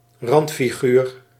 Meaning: outsider, marginal person
- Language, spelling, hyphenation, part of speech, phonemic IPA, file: Dutch, randfiguur, rand‧fi‧guur, noun, /ˈrɑnt.fiˌɣyːr/, Nl-randfiguur.ogg